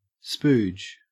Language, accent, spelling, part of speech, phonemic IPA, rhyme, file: English, Australia, spooge, noun / verb, /spuːd͡ʒ/, -uːd͡ʒ, En-au-spooge.ogg
- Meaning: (noun) 1. Any sealant or lubricant applied during the assembly of electronic equipment 2. Semi-liquid gunk 3. Semen; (verb) To ejaculate